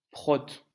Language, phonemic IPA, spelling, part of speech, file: French, /pʁɔt/, prote, noun, LL-Q150 (fra)-prote.wav
- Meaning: a supervisor or foreman in a printing press